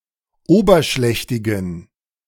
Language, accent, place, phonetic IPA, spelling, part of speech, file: German, Germany, Berlin, [ˈoːbɐˌʃlɛçtɪɡn̩], oberschlächtigen, adjective, De-oberschlächtigen.ogg
- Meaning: inflection of oberschlächtig: 1. strong genitive masculine/neuter singular 2. weak/mixed genitive/dative all-gender singular 3. strong/weak/mixed accusative masculine singular 4. strong dative plural